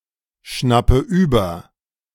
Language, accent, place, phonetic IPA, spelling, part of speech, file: German, Germany, Berlin, [ˌʃnapə ˈyːbɐ], schnappe über, verb, De-schnappe über.ogg
- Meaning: inflection of überschnappen: 1. first-person singular present 2. first/third-person singular subjunctive I 3. singular imperative